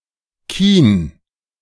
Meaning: resinous wood, fit for firing
- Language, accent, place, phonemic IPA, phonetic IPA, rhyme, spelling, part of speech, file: German, Germany, Berlin, /kiːn/, [kʰiːn], -iːn, Kien, noun, De-Kien.ogg